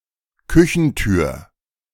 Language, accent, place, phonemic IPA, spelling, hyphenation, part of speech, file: German, Germany, Berlin, /ˈkʏçn̩ˌtyːɐ̯/, Küchentür, Kü‧chen‧tür, noun, De-Küchentür.ogg
- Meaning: kitchen door